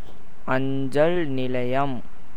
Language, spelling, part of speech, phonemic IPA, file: Tamil, அஞ்சல் நிலையம், noun, /ɐɲdʒɐl nɪlɐɪ̯jɐm/, Ta-அஞ்சல் நிலையம்.ogg
- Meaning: 1. post office 2. relay station